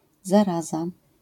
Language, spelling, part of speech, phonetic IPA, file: Polish, zaraza, noun, [zaˈraza], LL-Q809 (pol)-zaraza.wav